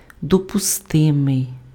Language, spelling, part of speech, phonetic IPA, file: Ukrainian, допустимий, adjective, [dɔpʊˈstɪmei̯], Uk-допустимий.ogg
- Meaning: admissible, permissible, allowable